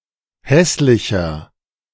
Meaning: 1. comparative degree of hässlich 2. inflection of hässlich: strong/mixed nominative masculine singular 3. inflection of hässlich: strong genitive/dative feminine singular
- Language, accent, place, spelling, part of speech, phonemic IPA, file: German, Germany, Berlin, hässlicher, adjective, /ˈhɛslɪçɐ/, De-hässlicher.ogg